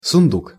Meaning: trunk, chest, coffer, strongbox
- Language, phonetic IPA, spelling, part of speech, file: Russian, [sʊnˈduk], сундук, noun, Ru-сундук.ogg